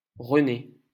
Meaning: a male given name
- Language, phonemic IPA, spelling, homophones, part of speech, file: French, /ʁə.ne/, René, rené / renés / renée / renées / Renée, proper noun, LL-Q150 (fra)-René.wav